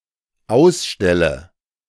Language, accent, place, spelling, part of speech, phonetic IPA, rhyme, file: German, Germany, Berlin, ausstelle, verb, [ˈaʊ̯sˌʃtɛlə], -aʊ̯sʃtɛlə, De-ausstelle.ogg
- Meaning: inflection of ausstellen: 1. first-person singular dependent present 2. first/third-person singular dependent subjunctive I